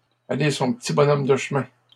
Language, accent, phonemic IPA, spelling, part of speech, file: French, Canada, /a.le sɔ̃ p(ə).ti bɔ.nɔm də ʃ(ə).mɛ̃/, aller son petit bonhomme de chemin, verb, LL-Q150 (fra)-aller son petit bonhomme de chemin.wav
- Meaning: to live one's life, to follow one's path in peace and quiet, to go on one's way peacefully